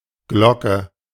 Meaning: 1. bell (percussive instrument) 2. notification bell
- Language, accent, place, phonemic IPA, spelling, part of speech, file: German, Germany, Berlin, /ˈɡlɔkə/, Glocke, noun, De-Glocke.ogg